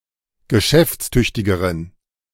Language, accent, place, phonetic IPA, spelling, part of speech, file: German, Germany, Berlin, [ɡəˈʃɛft͡sˌtʏçtɪɡəʁən], geschäftstüchtigeren, adjective, De-geschäftstüchtigeren.ogg
- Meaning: inflection of geschäftstüchtig: 1. strong genitive masculine/neuter singular comparative degree 2. weak/mixed genitive/dative all-gender singular comparative degree